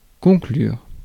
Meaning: 1. to conclude 2. to attain, to reach 3. to score, to get it on (to have sex)
- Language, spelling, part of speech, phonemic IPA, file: French, conclure, verb, /kɔ̃.klyʁ/, Fr-conclure.ogg